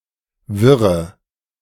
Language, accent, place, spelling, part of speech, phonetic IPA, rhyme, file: German, Germany, Berlin, wirre, adjective / verb, [ˈvɪʁə], -ɪʁə, De-wirre.ogg
- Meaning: inflection of wirr: 1. strong/mixed nominative/accusative feminine singular 2. strong nominative/accusative plural 3. weak nominative all-gender singular 4. weak accusative feminine/neuter singular